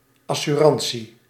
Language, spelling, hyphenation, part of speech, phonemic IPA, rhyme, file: Dutch, assurantie, as‧su‧ran‧tie, noun, /ˌɑ.syˈrɑn.si/, -ɑnsi, Nl-assurantie.ogg
- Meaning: an insurance against damage or loss